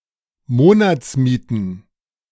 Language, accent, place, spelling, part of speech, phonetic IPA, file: German, Germany, Berlin, Monatsmieten, noun, [ˈmoːnat͡sˌmiːtn̩], De-Monatsmieten.ogg
- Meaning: plural of Monatsmiete